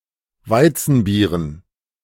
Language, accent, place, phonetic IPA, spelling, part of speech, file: German, Germany, Berlin, [ˈvaɪ̯t͡sn̩ˌbiːʁən], Weizenbieren, noun, De-Weizenbieren.ogg
- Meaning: dative plural of Weizenbier